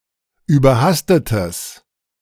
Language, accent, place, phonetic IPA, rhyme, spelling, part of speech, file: German, Germany, Berlin, [yːbɐˈhastətəs], -astətəs, überhastetes, adjective, De-überhastetes.ogg
- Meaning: strong/mixed nominative/accusative neuter singular of überhastet